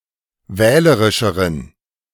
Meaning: inflection of wählerisch: 1. strong genitive masculine/neuter singular comparative degree 2. weak/mixed genitive/dative all-gender singular comparative degree
- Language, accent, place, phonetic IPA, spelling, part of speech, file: German, Germany, Berlin, [ˈvɛːləʁɪʃəʁən], wählerischeren, adjective, De-wählerischeren.ogg